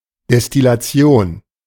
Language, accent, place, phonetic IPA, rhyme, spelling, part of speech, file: German, Germany, Berlin, [dɛstɪlaˈt͡si̯oːn], -oːn, Destillation, noun, De-Destillation.ogg
- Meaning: distillation (separation of a substance)